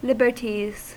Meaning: plural of liberty
- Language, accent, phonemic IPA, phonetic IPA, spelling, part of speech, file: English, US, /ˈlɪb.ɚ.tiz/, [ˈlɪb.ɚ.ɾiz], liberties, noun, En-us-liberties.ogg